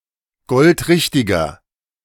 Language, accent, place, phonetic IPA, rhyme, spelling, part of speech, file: German, Germany, Berlin, [ˈɡɔltˈʁɪçtɪɡɐ], -ɪçtɪɡɐ, goldrichtiger, adjective, De-goldrichtiger.ogg
- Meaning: inflection of goldrichtig: 1. strong/mixed nominative masculine singular 2. strong genitive/dative feminine singular 3. strong genitive plural